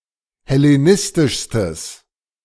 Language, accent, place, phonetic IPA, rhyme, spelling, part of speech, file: German, Germany, Berlin, [hɛleˈnɪstɪʃstəs], -ɪstɪʃstəs, hellenistischstes, adjective, De-hellenistischstes.ogg
- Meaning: strong/mixed nominative/accusative neuter singular superlative degree of hellenistisch